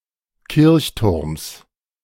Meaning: genitive singular of Kirchturm
- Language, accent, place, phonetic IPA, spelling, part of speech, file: German, Germany, Berlin, [ˈkɪʁçˌtʊʁms], Kirchturms, noun, De-Kirchturms.ogg